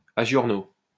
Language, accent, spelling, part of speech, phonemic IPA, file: French, France, à giorno, adjective / adverb, /a ʒjɔʁ.no/, LL-Q150 (fra)-à giorno.wav
- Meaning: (adjective) alternative spelling of a giorno